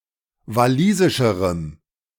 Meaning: strong dative masculine/neuter singular comparative degree of walisisch
- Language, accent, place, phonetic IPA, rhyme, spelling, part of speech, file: German, Germany, Berlin, [vaˈliːzɪʃəʁəm], -iːzɪʃəʁəm, walisischerem, adjective, De-walisischerem.ogg